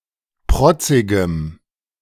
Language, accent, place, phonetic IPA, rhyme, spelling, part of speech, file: German, Germany, Berlin, [ˈpʁɔt͡sɪɡəm], -ɔt͡sɪɡəm, protzigem, adjective, De-protzigem.ogg
- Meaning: strong dative masculine/neuter singular of protzig